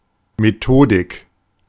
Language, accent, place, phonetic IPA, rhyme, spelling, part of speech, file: German, Germany, Berlin, [meˈtoːdɪk], -oːdɪk, Methodik, noun, De-Methodik.ogg
- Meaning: 1. methodology 2. methods (collectively)